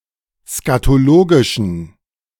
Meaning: inflection of skatologisch: 1. strong genitive masculine/neuter singular 2. weak/mixed genitive/dative all-gender singular 3. strong/weak/mixed accusative masculine singular 4. strong dative plural
- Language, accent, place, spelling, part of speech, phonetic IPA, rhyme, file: German, Germany, Berlin, skatologischen, adjective, [skatoˈloːɡɪʃn̩], -oːɡɪʃn̩, De-skatologischen.ogg